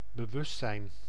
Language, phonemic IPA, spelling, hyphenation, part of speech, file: Dutch, /bəˈʋʏstˌsɛi̯n/, bewustzijn, be‧wust‧zijn, noun, Nl-bewustzijn.ogg
- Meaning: consciousness